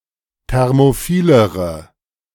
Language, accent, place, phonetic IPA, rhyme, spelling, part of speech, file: German, Germany, Berlin, [ˌtɛʁmoˈfiːləʁə], -iːləʁə, thermophilere, adjective, De-thermophilere.ogg
- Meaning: inflection of thermophil: 1. strong/mixed nominative/accusative feminine singular comparative degree 2. strong nominative/accusative plural comparative degree